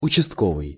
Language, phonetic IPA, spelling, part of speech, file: Russian, [ʊt͡ɕɪstˈkovɨj], участковый, adjective / noun, Ru-участковый.ogg
- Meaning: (adjective) division, district; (noun) district police officer (in Russia)